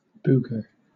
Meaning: 1. A piece of solid or semisolid mucus in or removed from a nostril 2. Something suggestive of this material 3. A thing; especially a problematic or difficult thing 4. A monster, a bogey
- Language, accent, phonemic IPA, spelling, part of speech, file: English, Southern England, /ˈbʊɡə/, booger, noun, LL-Q1860 (eng)-booger.wav